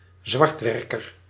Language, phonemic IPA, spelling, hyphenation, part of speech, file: Dutch, /ˈzʋɑrtˌʋɛr.kər/, zwartwerker, zwart‧wer‧ker, noun, Nl-zwartwerker.ogg
- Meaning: moonlighter